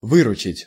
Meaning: 1. to rescue, to come to someone's help/aid/assistance 2. to make, to gain, to net, to clear
- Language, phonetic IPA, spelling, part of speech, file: Russian, [ˈvɨrʊt͡ɕɪtʲ], выручить, verb, Ru-выручить.ogg